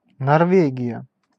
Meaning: Norway (a country in Scandinavia in Northern Europe; capital and largest city: Oslo)
- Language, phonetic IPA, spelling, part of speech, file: Russian, [nɐrˈvʲeɡʲɪjə], Норвегия, proper noun, Ru-Норвегия.ogg